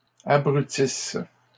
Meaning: inflection of abrutir: 1. third-person plural present indicative/subjunctive 2. third-person plural imperfect subjunctive
- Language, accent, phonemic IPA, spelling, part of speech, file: French, Canada, /a.bʁy.tis/, abrutissent, verb, LL-Q150 (fra)-abrutissent.wav